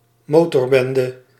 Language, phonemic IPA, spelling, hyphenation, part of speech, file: Dutch, /ˈmoː.tɔrˌbɛn.də/, motorbende, mo‧tor‧ben‧de, noun, Nl-motorbende.ogg
- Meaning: a biker gang